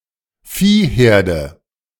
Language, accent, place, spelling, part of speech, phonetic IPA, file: German, Germany, Berlin, Viehherde, noun, [ˈfiːˌheːɐ̯də], De-Viehherde.ogg
- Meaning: a group of cattle; cattle herd